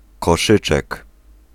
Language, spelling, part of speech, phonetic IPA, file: Polish, koszyczek, noun, [kɔˈʃɨt͡ʃɛk], Pl-koszyczek.ogg